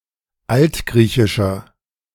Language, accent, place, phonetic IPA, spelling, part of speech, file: German, Germany, Berlin, [ˈaltˌɡʁiːçɪʃɐ], altgriechischer, adjective, De-altgriechischer.ogg
- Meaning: inflection of altgriechisch: 1. strong/mixed nominative masculine singular 2. strong genitive/dative feminine singular 3. strong genitive plural